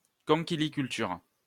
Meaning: shellfish farming
- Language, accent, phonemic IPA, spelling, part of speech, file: French, France, /kɔ̃.ki.li.kyl.tyʁ/, conchyliculture, noun, LL-Q150 (fra)-conchyliculture.wav